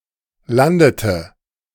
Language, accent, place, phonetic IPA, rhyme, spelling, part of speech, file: German, Germany, Berlin, [ˈlandətə], -andətə, landete, verb, De-landete.ogg
- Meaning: inflection of landen: 1. first/third-person singular preterite 2. first/third-person singular subjunctive II